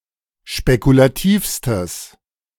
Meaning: strong/mixed nominative/accusative neuter singular superlative degree of spekulativ
- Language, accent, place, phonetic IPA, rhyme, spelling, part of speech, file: German, Germany, Berlin, [ʃpekulaˈtiːfstəs], -iːfstəs, spekulativstes, adjective, De-spekulativstes.ogg